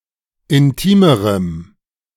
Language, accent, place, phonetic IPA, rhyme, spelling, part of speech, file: German, Germany, Berlin, [ɪnˈtiːməʁəm], -iːməʁəm, intimerem, adjective, De-intimerem.ogg
- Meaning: strong dative masculine/neuter singular comparative degree of intim